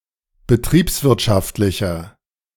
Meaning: inflection of betriebswirtschaftlich: 1. strong/mixed nominative masculine singular 2. strong genitive/dative feminine singular 3. strong genitive plural
- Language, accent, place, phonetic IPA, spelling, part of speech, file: German, Germany, Berlin, [bəˈtʁiːpsˌvɪʁtʃaftlɪçɐ], betriebswirtschaftlicher, adjective, De-betriebswirtschaftlicher.ogg